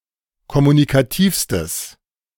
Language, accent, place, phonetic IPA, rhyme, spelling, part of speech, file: German, Germany, Berlin, [kɔmunikaˈtiːfstəs], -iːfstəs, kommunikativstes, adjective, De-kommunikativstes.ogg
- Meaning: strong/mixed nominative/accusative neuter singular superlative degree of kommunikativ